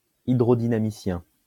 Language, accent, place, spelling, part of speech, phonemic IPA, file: French, France, Lyon, hydrodynamicien, noun, /i.dʁo.di.na.mi.sjɛ̃/, LL-Q150 (fra)-hydrodynamicien.wav
- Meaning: hydrodynamicist